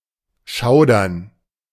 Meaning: 1. to shudder 2. to shiver, especially momentarily as when stepping out from a warm room into the cold 3. to make shudder, to make shiver
- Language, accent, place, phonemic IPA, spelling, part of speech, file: German, Germany, Berlin, /ˈʃaʊ̯dɐn/, schaudern, verb, De-schaudern.ogg